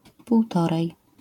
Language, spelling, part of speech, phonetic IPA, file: Polish, półtorej, numeral, [puwˈtɔrɛj], LL-Q809 (pol)-półtorej.wav